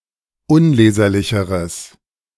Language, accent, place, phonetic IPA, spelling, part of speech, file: German, Germany, Berlin, [ˈʊnˌleːzɐlɪçəʁəs], unleserlicheres, adjective, De-unleserlicheres.ogg
- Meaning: strong/mixed nominative/accusative neuter singular comparative degree of unleserlich